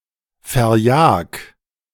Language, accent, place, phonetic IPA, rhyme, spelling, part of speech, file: German, Germany, Berlin, [fɛɐ̯ˈjaːk], -aːk, verjag, verb, De-verjag.ogg
- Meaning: 1. singular imperative of verjagen 2. first-person singular present of verjagen